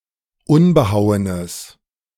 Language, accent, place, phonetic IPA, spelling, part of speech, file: German, Germany, Berlin, [ˈʊnbəˌhaʊ̯ənəs], unbehauenes, adjective, De-unbehauenes.ogg
- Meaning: strong/mixed nominative/accusative neuter singular of unbehauen